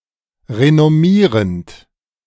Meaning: present participle of renommieren
- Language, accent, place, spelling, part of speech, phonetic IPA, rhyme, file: German, Germany, Berlin, renommierend, verb, [ʁenɔˈmiːʁənt], -iːʁənt, De-renommierend.ogg